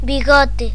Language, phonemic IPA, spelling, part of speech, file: Galician, /bi.ˈɣɔ.tɪ/, bigote, noun, Gl-bigote.ogg
- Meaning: 1. moustache, mustache; moustaches, mustaches 2. whisker, whiskers